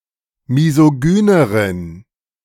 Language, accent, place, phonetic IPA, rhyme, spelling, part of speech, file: German, Germany, Berlin, [mizoˈɡyːnəʁən], -yːnəʁən, misogyneren, adjective, De-misogyneren.ogg
- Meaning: inflection of misogyn: 1. strong genitive masculine/neuter singular comparative degree 2. weak/mixed genitive/dative all-gender singular comparative degree